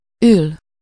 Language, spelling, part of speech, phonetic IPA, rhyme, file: Hungarian, ül, verb, [ˈyl], -yl, Hu-ül.ogg
- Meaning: 1. to sit, to be in a sitting position 2. to serve time 3. to appear, to be there 4. to celebrate, feast 5. hit home, strike a chord (to get the desired effect, as of a joke)